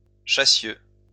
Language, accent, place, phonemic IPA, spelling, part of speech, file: French, France, Lyon, /ʃa.sjø/, chassieux, adjective, LL-Q150 (fra)-chassieux.wav
- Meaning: 1. sticky, gummy 2. bleary, rheumy